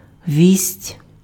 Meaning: 1. piece of news, message 2. news (presentation of news, e.g. on television)
- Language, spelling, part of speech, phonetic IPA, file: Ukrainian, вість, noun, [ʋʲisʲtʲ], Uk-вість.ogg